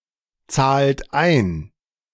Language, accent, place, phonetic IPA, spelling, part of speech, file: German, Germany, Berlin, [ˌt͡saːlt ˈaɪ̯n], zahlt ein, verb, De-zahlt ein.ogg
- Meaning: inflection of einzahlen: 1. third-person singular present 2. second-person plural present 3. plural imperative